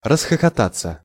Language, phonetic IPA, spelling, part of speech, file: Russian, [rəsxəxɐˈtat͡sːə], расхохотаться, verb, Ru-расхохотаться.ogg
- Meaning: to burst out laughing, to roar with laughter